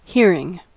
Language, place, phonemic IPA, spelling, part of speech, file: English, California, /ˈhɪɹ.ɪŋ/, hearing, adjective / noun / verb, En-us-hearing.ogg
- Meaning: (adjective) Able to hear, as opposed to deaf; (noun) 1. The sense used to perceive sound 2. The distance or physical region within which something may be heard; earshot